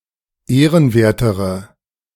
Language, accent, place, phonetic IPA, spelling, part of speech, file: German, Germany, Berlin, [ˈeːʁənˌveːɐ̯təʁə], ehrenwertere, adjective, De-ehrenwertere.ogg
- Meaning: inflection of ehrenwert: 1. strong/mixed nominative/accusative feminine singular comparative degree 2. strong nominative/accusative plural comparative degree